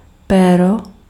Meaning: 1. alternative form of pero 2. spring 3. penis
- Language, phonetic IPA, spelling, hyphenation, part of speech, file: Czech, [ˈpɛːro], péro, pé‧ro, noun, Cs-péro.ogg